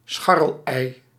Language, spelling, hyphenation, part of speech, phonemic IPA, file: Dutch, scharrelei, schar‧rel‧ei, noun, /ˈsxɑ.rəlˌɛi̯/, Nl-scharrelei.ogg
- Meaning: free-range egg